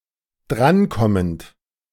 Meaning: present participle of drankommen
- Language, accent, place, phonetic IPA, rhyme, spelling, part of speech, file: German, Germany, Berlin, [ˈdʁanˌkɔmənt], -ankɔmənt, drankommend, verb, De-drankommend.ogg